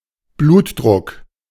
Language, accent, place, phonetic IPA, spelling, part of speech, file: German, Germany, Berlin, [ˈbluːtˌdʁʊk], Blutdruck, noun, De-Blutdruck.ogg
- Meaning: blood pressure